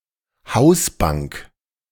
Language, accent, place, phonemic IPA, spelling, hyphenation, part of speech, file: German, Germany, Berlin, /ˈhaʊ̯sˌbaŋk/, Hausbank, Haus‧bank, noun, De-Hausbank.ogg
- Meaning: 1. main bank, primary bank 2. garden bench (especially one placed against the wall of a house)